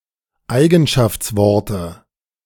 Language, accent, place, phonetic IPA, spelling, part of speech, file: German, Germany, Berlin, [ˈaɪ̯ɡn̩ʃaft͡sˌvɔʁtə], Eigenschaftsworte, noun, De-Eigenschaftsworte.ogg
- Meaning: dative singular of Eigenschaftswort